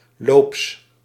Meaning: in heat/on heat
- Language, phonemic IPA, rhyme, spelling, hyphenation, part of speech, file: Dutch, /loːps/, -oːps, loops, loops, adjective, Nl-loops.ogg